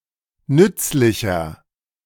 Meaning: 1. comparative degree of nützlich 2. inflection of nützlich: strong/mixed nominative masculine singular 3. inflection of nützlich: strong genitive/dative feminine singular
- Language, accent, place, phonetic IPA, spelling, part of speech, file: German, Germany, Berlin, [ˈnʏt͡slɪçɐ], nützlicher, adjective, De-nützlicher.ogg